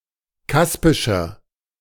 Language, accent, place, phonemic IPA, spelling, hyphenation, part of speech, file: German, Germany, Berlin, /ˈkaspɪʃɐ/, kaspischer, kas‧pi‧scher, adjective, De-kaspischer.ogg
- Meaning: inflection of kaspisch: 1. strong/mixed nominative masculine singular 2. strong genitive/dative feminine singular 3. strong genitive plural